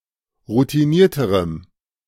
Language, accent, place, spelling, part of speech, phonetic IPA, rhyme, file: German, Germany, Berlin, routinierterem, adjective, [ʁutiˈniːɐ̯təʁəm], -iːɐ̯təʁəm, De-routinierterem.ogg
- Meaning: strong dative masculine/neuter singular comparative degree of routiniert